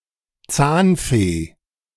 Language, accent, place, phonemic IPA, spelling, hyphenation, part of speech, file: German, Germany, Berlin, /ˈt͡saːnˌfeː/, Zahnfee, Zahn‧fee, noun, De-Zahnfee.ogg
- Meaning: tooth fairy